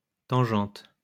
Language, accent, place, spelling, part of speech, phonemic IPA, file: French, France, Lyon, tangente, noun, /tɑ̃.ʒɑ̃t/, LL-Q150 (fra)-tangente.wav
- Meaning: 1. tangent (trigonometric function) 2. tangent